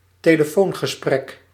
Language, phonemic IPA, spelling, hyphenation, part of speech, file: Dutch, /teː.ləˈfoːn.ɣəˌsprɛk/, telefoongesprek, te‧le‧foon‧ge‧sprek, noun, Nl-telefoongesprek.ogg
- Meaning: telephone call